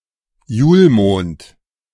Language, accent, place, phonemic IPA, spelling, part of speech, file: German, Germany, Berlin, /ˈjuːlˌmoːnt/, Julmond, noun, De-Julmond.ogg
- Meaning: December